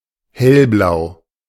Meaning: light blue
- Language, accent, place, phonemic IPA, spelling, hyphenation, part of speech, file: German, Germany, Berlin, /ˈhɛlˌblaʊ̯/, hellblau, hell‧blau, adjective, De-hellblau.ogg